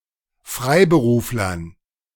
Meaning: dative plural of Freiberufler
- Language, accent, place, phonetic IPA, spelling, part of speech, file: German, Germany, Berlin, [ˈfʁaɪ̯bəˌʁuːflɐn], Freiberuflern, noun, De-Freiberuflern.ogg